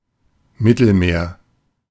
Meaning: the Mediterranean Sea
- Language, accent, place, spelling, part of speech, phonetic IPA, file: German, Germany, Berlin, Mittelmeer, proper noun, [ˈmɪtl̩meːɐ̯], De-Mittelmeer.ogg